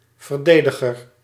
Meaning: 1. defender, protector 2. defender
- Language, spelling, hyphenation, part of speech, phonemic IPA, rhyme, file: Dutch, verdediger, ver‧de‧di‧ger, noun, /vərˈdeː.də.ɣər/, -eːdəɣər, Nl-verdediger.ogg